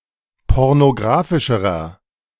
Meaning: inflection of pornografisch: 1. strong/mixed nominative masculine singular comparative degree 2. strong genitive/dative feminine singular comparative degree
- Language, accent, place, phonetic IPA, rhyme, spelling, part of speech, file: German, Germany, Berlin, [ˌpɔʁnoˈɡʁaːfɪʃəʁɐ], -aːfɪʃəʁɐ, pornografischerer, adjective, De-pornografischerer.ogg